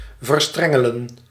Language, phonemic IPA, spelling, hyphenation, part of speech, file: Dutch, /vərˈstrɛ.ŋə.lə(n)/, verstrengelen, ver‧stren‧ge‧len, verb, Nl-verstrengelen.ogg
- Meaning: to tangle up